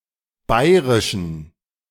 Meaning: inflection of bairisch: 1. strong genitive masculine/neuter singular 2. weak/mixed genitive/dative all-gender singular 3. strong/weak/mixed accusative masculine singular 4. strong dative plural
- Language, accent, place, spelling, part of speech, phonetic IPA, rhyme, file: German, Germany, Berlin, bairischen, adjective, [ˈbaɪ̯ʁɪʃn̩], -aɪ̯ʁɪʃn̩, De-bairischen.ogg